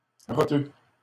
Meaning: hot dog Named after its tendency to cause burps (rots) after eating
- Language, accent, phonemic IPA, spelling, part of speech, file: French, Canada, /ʁɔ.tø/, roteux, noun, LL-Q150 (fra)-roteux.wav